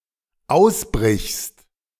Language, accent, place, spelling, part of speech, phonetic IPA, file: German, Germany, Berlin, ausbrichst, verb, [ˈaʊ̯sˌbʁɪçst], De-ausbrichst.ogg
- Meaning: second-person singular dependent present of ausbrechen